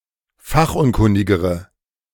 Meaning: inflection of fachunkundig: 1. strong/mixed nominative/accusative feminine singular comparative degree 2. strong nominative/accusative plural comparative degree
- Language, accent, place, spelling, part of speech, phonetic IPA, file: German, Germany, Berlin, fachunkundigere, adjective, [ˈfaxʔʊnˌkʊndɪɡəʁə], De-fachunkundigere.ogg